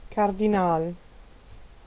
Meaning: 1. cardinal (official in Catholic Church) 2. cardinal, cardinalid (bird in the family Cardinalidae)
- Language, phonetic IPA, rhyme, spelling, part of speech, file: German, [ˌkaʁdiˈnaːl], -aːl, Kardinal, noun, De-Kardinal.ogg